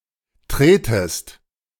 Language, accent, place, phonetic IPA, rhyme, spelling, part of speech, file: German, Germany, Berlin, [ˈtʁeːtəst], -eːtəst, tretest, verb, De-tretest.ogg
- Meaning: second-person singular subjunctive I of treten